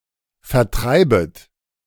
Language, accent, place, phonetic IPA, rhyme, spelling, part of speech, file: German, Germany, Berlin, [fɛɐ̯ˈtʁaɪ̯bət], -aɪ̯bət, vertreibet, verb, De-vertreibet.ogg
- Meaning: second-person plural subjunctive I of vertreiben